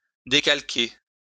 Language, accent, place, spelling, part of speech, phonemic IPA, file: French, France, Lyon, décalquer, verb, /de.kal.ke/, LL-Q150 (fra)-décalquer.wav
- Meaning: to trace, transfer (a design)